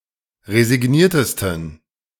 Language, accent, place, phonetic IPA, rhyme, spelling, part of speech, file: German, Germany, Berlin, [ʁezɪˈɡniːɐ̯təstn̩], -iːɐ̯təstn̩, resigniertesten, adjective, De-resigniertesten.ogg
- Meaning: 1. superlative degree of resigniert 2. inflection of resigniert: strong genitive masculine/neuter singular superlative degree